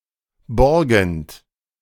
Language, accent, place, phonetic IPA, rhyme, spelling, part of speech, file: German, Germany, Berlin, [ˈbɔʁɡn̩t], -ɔʁɡn̩t, borgend, verb, De-borgend.ogg
- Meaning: present participle of borgen